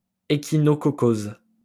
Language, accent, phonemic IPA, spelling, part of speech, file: French, France, /e.ki.nɔ.kɔ.koz/, échinococcose, noun, LL-Q150 (fra)-échinococcose.wav
- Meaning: echinococcosis